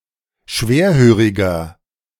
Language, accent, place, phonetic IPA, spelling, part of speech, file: German, Germany, Berlin, [ˈʃveːɐ̯ˌhøːʁɪɡɐ], schwerhöriger, adjective, De-schwerhöriger.ogg
- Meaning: 1. comparative degree of schwerhörig 2. inflection of schwerhörig: strong/mixed nominative masculine singular 3. inflection of schwerhörig: strong genitive/dative feminine singular